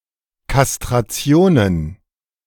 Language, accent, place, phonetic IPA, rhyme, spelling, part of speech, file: German, Germany, Berlin, [kastʁaˈt͡si̯oːnən], -oːnən, Kastrationen, noun, De-Kastrationen.ogg
- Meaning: plural of Kastration